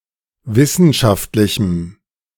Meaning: strong dative masculine/neuter singular of wissenschaftlich
- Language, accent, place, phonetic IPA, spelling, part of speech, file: German, Germany, Berlin, [ˈvɪsn̩ʃaftlɪçm̩], wissenschaftlichem, adjective, De-wissenschaftlichem.ogg